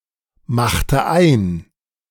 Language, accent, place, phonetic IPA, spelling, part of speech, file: German, Germany, Berlin, [ˌmaxtə ˈaɪ̯n], machte ein, verb, De-machte ein.ogg
- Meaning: inflection of einmachen: 1. first/third-person singular preterite 2. first/third-person singular subjunctive II